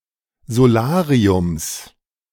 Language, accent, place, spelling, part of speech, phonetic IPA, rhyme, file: German, Germany, Berlin, Solariums, noun, [zoˈlaːʁiʊms], -aːʁiʊms, De-Solariums.ogg
- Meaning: genitive of Solarium